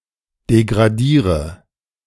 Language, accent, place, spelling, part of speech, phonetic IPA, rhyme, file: German, Germany, Berlin, degradiere, verb, [deɡʁaˈdiːʁə], -iːʁə, De-degradiere.ogg
- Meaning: inflection of degradieren: 1. first-person singular present 2. first/third-person singular subjunctive I 3. singular imperative